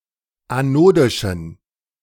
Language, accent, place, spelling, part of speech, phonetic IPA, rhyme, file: German, Germany, Berlin, anodischen, adjective, [aˈnoːdɪʃn̩], -oːdɪʃn̩, De-anodischen.ogg
- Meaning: inflection of anodisch: 1. strong genitive masculine/neuter singular 2. weak/mixed genitive/dative all-gender singular 3. strong/weak/mixed accusative masculine singular 4. strong dative plural